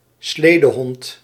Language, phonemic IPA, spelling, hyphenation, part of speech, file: Dutch, /ˈsleː.dəˌɦɔnt/, sledehond, sle‧de‧hond, noun, Nl-sledehond.ogg
- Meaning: a sled dog